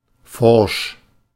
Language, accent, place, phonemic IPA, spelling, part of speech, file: German, Germany, Berlin, /ˈfɔʁʃ/, forsch, adjective, De-forsch.ogg
- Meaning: brisk, bold